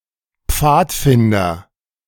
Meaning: boy scout, scout (member of the Scout Movement)
- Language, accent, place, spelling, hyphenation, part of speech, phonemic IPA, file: German, Germany, Berlin, Pfadfinder, Pfad‧fin‧der, noun, /ˈpfaːtˌfɪndɐ/, De-Pfadfinder.ogg